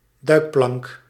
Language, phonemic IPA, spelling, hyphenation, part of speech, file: Dutch, /ˈdœy̯k.plɑŋk/, duikplank, duik‧plank, noun, Nl-duikplank.ogg
- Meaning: pool springboard, diving board